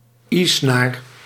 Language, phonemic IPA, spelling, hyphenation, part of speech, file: Dutch, /ˈeː.snaːr/, e-snaar, e-snaar, noun, Nl-e-snaar.ogg
- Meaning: E string: the string on a string instrument producing an e note